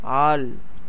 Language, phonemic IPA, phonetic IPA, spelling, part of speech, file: Tamil, /ɑːɭ/, [äːɭ], ஆள், noun / verb, Ta-ஆள்.ogg
- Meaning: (noun) 1. person 2. lover, partner 3. adult male; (verb) 1. to rule, govern, reign over 2. to dominate over 3. to control 4. to use, handle